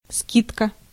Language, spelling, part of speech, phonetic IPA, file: Russian, скидка, noun, [ˈskʲitkə], Ru-скидка.ogg
- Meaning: discount